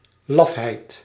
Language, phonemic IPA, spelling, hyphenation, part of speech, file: Dutch, /ˈlɑfɦɛit/, lafheid, laf‧heid, noun, Nl-lafheid.ogg
- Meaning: lack of courage, cowardice